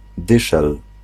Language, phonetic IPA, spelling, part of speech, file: Polish, [ˈdɨʃɛl], dyszel, noun, Pl-dyszel.ogg